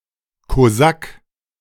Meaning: Cossack (male or of unspecified gender)
- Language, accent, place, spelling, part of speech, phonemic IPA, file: German, Germany, Berlin, Kosak, noun, /koˈzak/, De-Kosak.ogg